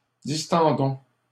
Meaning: inflection of distendre: 1. first-person plural present indicative 2. first-person plural imperative
- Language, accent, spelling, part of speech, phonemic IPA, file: French, Canada, distendons, verb, /dis.tɑ̃.dɔ̃/, LL-Q150 (fra)-distendons.wav